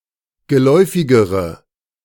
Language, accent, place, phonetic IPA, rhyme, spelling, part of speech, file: German, Germany, Berlin, [ɡəˈlɔɪ̯fɪɡəʁə], -ɔɪ̯fɪɡəʁə, geläufigere, adjective, De-geläufigere.ogg
- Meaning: inflection of geläufig: 1. strong/mixed nominative/accusative feminine singular comparative degree 2. strong nominative/accusative plural comparative degree